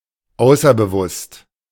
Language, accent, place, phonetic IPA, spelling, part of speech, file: German, Germany, Berlin, [ˈaʊ̯sɐbəˌvʊst], außerbewusst, adjective, De-außerbewusst.ogg
- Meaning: unconscious